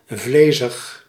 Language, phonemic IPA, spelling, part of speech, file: Dutch, /ˈvleːzəx/, vlezig, adjective, Nl-vlezig.ogg
- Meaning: fleshy